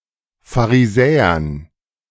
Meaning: dative plural of Pharisäer
- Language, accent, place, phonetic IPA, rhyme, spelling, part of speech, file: German, Germany, Berlin, [faʁiˈzɛːɐn], -ɛːɐn, Pharisäern, noun, De-Pharisäern.ogg